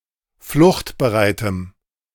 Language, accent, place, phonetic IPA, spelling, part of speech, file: German, Germany, Berlin, [ˈflʊxtbəˌʁaɪ̯təm], fluchtbereitem, adjective, De-fluchtbereitem.ogg
- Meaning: strong dative masculine/neuter singular of fluchtbereit